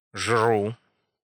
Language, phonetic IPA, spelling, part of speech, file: Russian, [ʐru], жру, verb, Ru-жру.ogg
- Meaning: first-person singular present indicative imperfective of жрать (žratʹ)